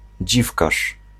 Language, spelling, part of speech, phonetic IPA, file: Polish, dziwkarz, noun, [ˈd͡ʑifkaʃ], Pl-dziwkarz.ogg